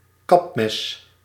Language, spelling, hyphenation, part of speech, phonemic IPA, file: Dutch, kapmes, kap‧mes, noun, /ˈkɑp.mɛs/, Nl-kapmes.ogg
- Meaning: machete